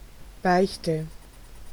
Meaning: 1. confession (sacramental disclosure of one's sins) 2. confession (disclosure of one's bad deeds)
- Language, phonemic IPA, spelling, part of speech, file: German, /ˈbaɪ̯çtə/, Beichte, noun, De-Beichte.ogg